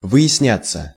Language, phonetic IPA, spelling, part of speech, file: Russian, [vɨ(j)ɪsˈnʲat͡sːə], выясняться, verb, Ru-выясняться.ogg
- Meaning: 1. to turn out, to come out, to be discovered, to become clear, to come to light 2. passive of выясня́ть (vyjasnjátʹ)